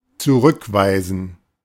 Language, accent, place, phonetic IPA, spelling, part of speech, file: German, Germany, Berlin, [t͡suˈʁʏkˌvaɪ̯zn̩], zurückweisen, verb, De-zurückweisen.ogg
- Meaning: 1. to (strongly) reject (an accusation, a statement, etc.) 2. to repudiate